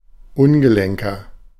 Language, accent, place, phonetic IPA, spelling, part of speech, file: German, Germany, Berlin, [ˈʊnɡəˌlɛŋkɐ], ungelenker, adjective, De-ungelenker.ogg
- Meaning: 1. comparative degree of ungelenk 2. inflection of ungelenk: strong/mixed nominative masculine singular 3. inflection of ungelenk: strong genitive/dative feminine singular